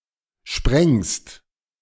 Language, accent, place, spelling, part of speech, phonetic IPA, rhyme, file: German, Germany, Berlin, sprengst, verb, [ʃpʁɛŋst], -ɛŋst, De-sprengst.ogg
- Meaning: second-person singular present of sprengen